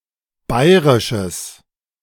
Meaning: strong/mixed nominative/accusative neuter singular of bairisch
- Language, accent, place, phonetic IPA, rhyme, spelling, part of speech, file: German, Germany, Berlin, [ˈbaɪ̯ʁɪʃəs], -aɪ̯ʁɪʃəs, bairisches, adjective, De-bairisches.ogg